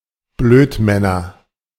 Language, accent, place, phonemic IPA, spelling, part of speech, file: German, Germany, Berlin, /ˈbløːtˌmɛnɐ/, Blödmänner, noun, De-Blödmänner.ogg
- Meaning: nominative/accusative/genitive plural of Blödmann